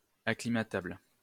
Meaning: acclimatable
- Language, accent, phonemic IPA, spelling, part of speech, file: French, France, /a.kli.ma.tabl/, acclimatable, adjective, LL-Q150 (fra)-acclimatable.wav